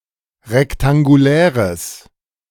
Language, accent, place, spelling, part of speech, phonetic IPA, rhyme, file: German, Germany, Berlin, rektanguläres, adjective, [ʁɛktaŋɡuˈlɛːʁəs], -ɛːʁəs, De-rektanguläres.ogg
- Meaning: strong/mixed nominative/accusative neuter singular of rektangulär